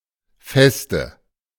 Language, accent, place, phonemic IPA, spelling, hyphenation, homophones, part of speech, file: German, Germany, Berlin, /ˈfɛstə/, Feste, Fes‧te, feste, noun, De-Feste.ogg
- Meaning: 1. stronghold, fortress, fortified castle 2. foundation, stronghold 3. firmament (the sky conceived as a dome) 4. nominative/accusative/genitive plural of Fest